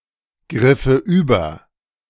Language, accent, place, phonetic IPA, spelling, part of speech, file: German, Germany, Berlin, [ˌɡʁɪfə ˈyːbɐ], griffe über, verb, De-griffe über.ogg
- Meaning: first/third-person singular subjunctive II of übergreifen